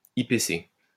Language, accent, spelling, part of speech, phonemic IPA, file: French, France, IPC, adjective, /i.pe.se/, LL-Q150 (fra)-IPC.wav
- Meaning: Indicating a sport adapted for the disabled, typically prefixing the term